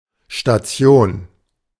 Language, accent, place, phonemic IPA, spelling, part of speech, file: German, Germany, Berlin, /ʃtaˈt͡si̯oːn/, Station, noun, De-Station.ogg
- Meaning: 1. stop, stopover, station (a place where one stops on the way; the act of stopping itself) 2. station (area equipped to serve as a regular stop; compare usage notes below)